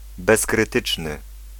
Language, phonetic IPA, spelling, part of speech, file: Polish, [ˌbɛskrɨˈtɨt͡ʃnɨ], bezkrytyczny, adjective, Pl-bezkrytyczny.ogg